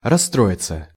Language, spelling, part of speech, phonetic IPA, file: Russian, расстроиться, verb, [rɐsːˈtroɪt͡sə], Ru-расстроиться.ogg
- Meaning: 1. to get upset 2. passive of расстро́ить (rasstróitʹ)